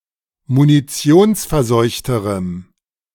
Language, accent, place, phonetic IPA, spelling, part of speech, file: German, Germany, Berlin, [muniˈt͡si̯oːnsfɛɐ̯ˌzɔɪ̯çtəʁəm], munitionsverseuchterem, adjective, De-munitionsverseuchterem.ogg
- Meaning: strong dative masculine/neuter singular comparative degree of munitionsverseucht